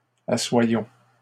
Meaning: inflection of asseoir: 1. first-person plural present indicative 2. first-person plural imperative
- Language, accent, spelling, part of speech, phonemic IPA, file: French, Canada, assoyons, verb, /a.swa.jɔ̃/, LL-Q150 (fra)-assoyons.wav